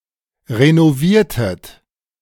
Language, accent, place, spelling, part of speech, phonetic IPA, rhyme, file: German, Germany, Berlin, renoviertet, verb, [ʁenoˈviːɐ̯tət], -iːɐ̯tət, De-renoviertet.ogg
- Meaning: inflection of renovieren: 1. second-person plural preterite 2. second-person plural subjunctive II